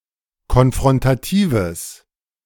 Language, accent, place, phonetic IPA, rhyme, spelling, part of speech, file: German, Germany, Berlin, [kɔnfʁɔntaˈtiːvəs], -iːvəs, konfrontatives, adjective, De-konfrontatives.ogg
- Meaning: strong/mixed nominative/accusative neuter singular of konfrontativ